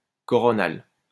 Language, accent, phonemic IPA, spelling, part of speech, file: French, France, /kɔ.ʁɔ.nal/, coronal, adjective, LL-Q150 (fra)-coronal.wav
- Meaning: coronal